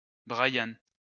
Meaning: a male given name
- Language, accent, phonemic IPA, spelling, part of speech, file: French, France, /bʁa.jan/, Brian, proper noun, LL-Q150 (fra)-Brian.wav